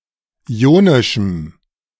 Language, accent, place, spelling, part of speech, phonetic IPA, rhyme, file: German, Germany, Berlin, ionischem, adjective, [ˌiːˈoːnɪʃm̩], -oːnɪʃm̩, De-ionischem.ogg
- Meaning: strong dative masculine/neuter singular of ionisch